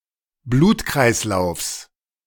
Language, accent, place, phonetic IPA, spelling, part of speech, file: German, Germany, Berlin, [ˈbluːtkʁaɪ̯sˌlaʊ̯fs], Blutkreislaufs, noun, De-Blutkreislaufs.ogg
- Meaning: genitive singular of Blutkreislauf